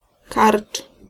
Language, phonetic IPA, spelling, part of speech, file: Polish, [kart͡ʃ], karcz, noun, Pl-karcz.ogg